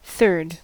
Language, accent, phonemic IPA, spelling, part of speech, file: English, US, /θɚd/, third, adjective / noun / verb, En-us-third.ogg
- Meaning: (adjective) The ordinal form of the cardinal number three; Coming after the second; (noun) 1. The person or thing in the third position 2. One of three equal parts of a whole